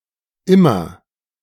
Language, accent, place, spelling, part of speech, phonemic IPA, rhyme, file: German, Germany, Berlin, immer, adverb, /ˈɪmɐ/, -ɪmɐ, De-immer2.ogg
- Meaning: 1. always: at all times without exception 2. always: very often; all the time; constantly 3. always: every time; whenever some precondition is given 4. to a greater degree over time, more and more